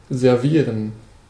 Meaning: to serve (food); to wait (at table)
- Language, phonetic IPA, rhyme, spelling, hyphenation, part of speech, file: German, [zɛʁˈviːʁən], -iːʁən, servieren, ser‧vie‧ren, verb, De-servieren.ogg